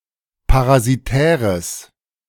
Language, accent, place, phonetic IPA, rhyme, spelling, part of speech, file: German, Germany, Berlin, [paʁaziˈtɛːʁəs], -ɛːʁəs, parasitäres, adjective, De-parasitäres.ogg
- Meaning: strong/mixed nominative/accusative neuter singular of parasitär